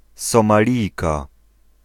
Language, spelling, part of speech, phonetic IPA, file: Polish, Somalijka, noun, [ˌsɔ̃maˈlʲijka], Pl-Somalijka.ogg